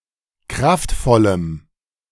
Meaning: strong dative masculine/neuter singular of kraftvoll
- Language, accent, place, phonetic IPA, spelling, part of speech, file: German, Germany, Berlin, [ˈkʁaftˌfɔləm], kraftvollem, adjective, De-kraftvollem.ogg